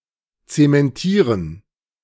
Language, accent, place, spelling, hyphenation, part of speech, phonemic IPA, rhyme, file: German, Germany, Berlin, zementieren, ze‧men‧tie‧ren, verb, /ˌt͡semɛnˈtiːʁən/, -iːʁən, De-zementieren.ogg
- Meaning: to cement (to affix with cement; to make permanent)